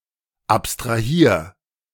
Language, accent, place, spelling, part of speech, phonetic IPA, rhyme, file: German, Germany, Berlin, abstrahier, verb, [ˌapstʁaˈhiːɐ̯], -iːɐ̯, De-abstrahier.ogg
- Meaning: 1. singular imperative of abstrahieren 2. first-person singular present of abstrahieren